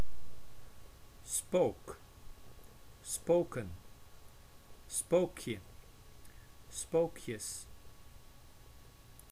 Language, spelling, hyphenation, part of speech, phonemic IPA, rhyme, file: Dutch, spook, spook, noun / verb, /spoːk/, -oːk, Nl-spook.ogg
- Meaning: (noun) 1. phantom, ghost 2. spectre, horror, terror 3. an imaginary horror, conceptual nightmare 4. an annoying and intolerable woman